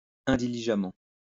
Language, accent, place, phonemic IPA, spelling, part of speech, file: French, France, Lyon, /ɛ̃.di.li.ʒa.mɑ̃/, indiligemment, adverb, LL-Q150 (fra)-indiligemment.wav
- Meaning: inattentively